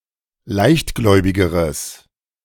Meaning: strong/mixed nominative/accusative neuter singular comparative degree of leichtgläubig
- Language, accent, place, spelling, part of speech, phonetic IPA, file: German, Germany, Berlin, leichtgläubigeres, adjective, [ˈlaɪ̯çtˌɡlɔɪ̯bɪɡəʁəs], De-leichtgläubigeres.ogg